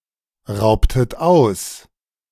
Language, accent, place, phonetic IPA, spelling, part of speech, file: German, Germany, Berlin, [ˌʁaʊ̯ptət ˈaʊ̯s], raubtet aus, verb, De-raubtet aus.ogg
- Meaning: inflection of ausrauben: 1. second-person plural preterite 2. second-person plural subjunctive II